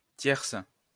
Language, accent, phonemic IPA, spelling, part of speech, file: French, France, /tjɛʁs/, tierce, adjective / noun, LL-Q150 (fra)-tierce.wav
- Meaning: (adjective) feminine singular of tiers; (noun) 1. third 2. terce